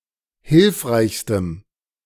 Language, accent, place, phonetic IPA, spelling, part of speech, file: German, Germany, Berlin, [ˈhɪlfʁaɪ̯çstəm], hilfreichstem, adjective, De-hilfreichstem.ogg
- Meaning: strong dative masculine/neuter singular superlative degree of hilfreich